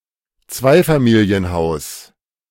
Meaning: duplex, two-family house
- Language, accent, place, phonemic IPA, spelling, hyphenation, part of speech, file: German, Germany, Berlin, /ˈt͡svaɪ̯faˌmiːli̯ənˌhaʊ̯s/, Zweifamilienhaus, Zwei‧fa‧mi‧li‧en‧haus, noun, De-Zweifamilienhaus.ogg